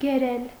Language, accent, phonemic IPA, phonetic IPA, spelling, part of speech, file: Armenian, Eastern Armenian, /ɡeˈɾel/, [ɡeɾél], գերել, verb, Hy-գերել.ogg
- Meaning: 1. to capture, take prisoner 2. to captivate, charm, seduce